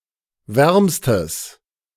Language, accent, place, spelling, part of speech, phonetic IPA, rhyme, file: German, Germany, Berlin, wärmstes, adjective, [ˈvɛʁmstəs], -ɛʁmstəs, De-wärmstes.ogg
- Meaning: strong/mixed nominative/accusative neuter singular superlative degree of warm